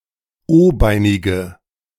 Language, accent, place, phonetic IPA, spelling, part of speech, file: German, Germany, Berlin, [ˈoːˌbaɪ̯nɪɡə], o-beinige, adjective, De-o-beinige.ogg
- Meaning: inflection of o-beinig: 1. strong/mixed nominative/accusative feminine singular 2. strong nominative/accusative plural 3. weak nominative all-gender singular